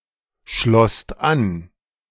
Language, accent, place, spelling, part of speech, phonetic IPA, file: German, Germany, Berlin, schlosst an, verb, [ˌʃlɔst ˈan], De-schlosst an.ogg
- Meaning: second-person singular/plural preterite of anschließen